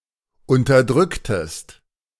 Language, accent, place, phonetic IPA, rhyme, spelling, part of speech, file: German, Germany, Berlin, [ʊntɐˈdʁʏktəst], -ʏktəst, unterdrücktest, verb, De-unterdrücktest.ogg
- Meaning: inflection of unterdrücken: 1. second-person singular preterite 2. second-person singular subjunctive II